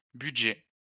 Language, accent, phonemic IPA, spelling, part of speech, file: French, France, /by.dʒɛ/, budgets, noun, LL-Q150 (fra)-budgets.wav
- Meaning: plural of budget